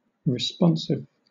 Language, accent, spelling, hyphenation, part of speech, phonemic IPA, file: English, Southern England, responsive, res‧pon‧sive, adjective, /ɹɪˈspɒn.sɪv/, LL-Q1860 (eng)-responsive.wav
- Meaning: 1. Answering, replying or responding 2. Able to receive and respond to external stimuli 3. Using antiphons; antiphonal 4. Susceptible to the feelings of others